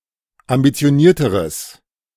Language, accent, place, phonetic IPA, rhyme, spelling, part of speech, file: German, Germany, Berlin, [ambit͡si̯oˈniːɐ̯təʁəs], -iːɐ̯təʁəs, ambitionierteres, adjective, De-ambitionierteres.ogg
- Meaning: strong/mixed nominative/accusative neuter singular comparative degree of ambitioniert